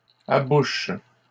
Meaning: third-person plural present indicative/subjunctive of aboucher
- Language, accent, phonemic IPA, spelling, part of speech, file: French, Canada, /a.buʃ/, abouchent, verb, LL-Q150 (fra)-abouchent.wav